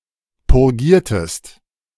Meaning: inflection of purgieren: 1. second-person singular preterite 2. second-person singular subjunctive II
- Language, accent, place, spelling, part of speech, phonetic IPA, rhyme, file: German, Germany, Berlin, purgiertest, verb, [pʊʁˈɡiːɐ̯təst], -iːɐ̯təst, De-purgiertest.ogg